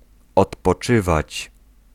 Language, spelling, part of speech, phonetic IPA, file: Polish, odpoczywać, verb, [ˌɔtpɔˈt͡ʃɨvat͡ɕ], Pl-odpoczywać.ogg